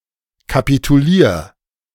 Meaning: 1. singular imperative of kapitulieren 2. first-person singular present of kapitulieren
- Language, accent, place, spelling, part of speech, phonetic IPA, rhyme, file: German, Germany, Berlin, kapitulier, verb, [kapituˈliːɐ̯], -iːɐ̯, De-kapitulier.ogg